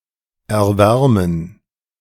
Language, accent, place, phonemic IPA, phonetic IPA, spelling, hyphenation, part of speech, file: German, Germany, Berlin, /ɛʁˈvɛʁmən/, [ʔɛɐ̯ˈvɛɐ̯mn̩], erwärmen, er‧wär‧men, verb, De-erwärmen.ogg
- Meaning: 1. to warm, to heat 2. to warm up, to heat up